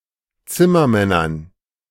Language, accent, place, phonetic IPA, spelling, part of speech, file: German, Germany, Berlin, [ˈt͡sɪmɐˌmɛnɐn], Zimmermännern, noun, De-Zimmermännern.ogg
- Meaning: dative plural of Zimmermann